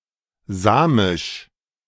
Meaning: Sami
- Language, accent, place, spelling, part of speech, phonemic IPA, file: German, Germany, Berlin, samisch, adjective, /ˈzaːmɪʃ/, De-samisch.ogg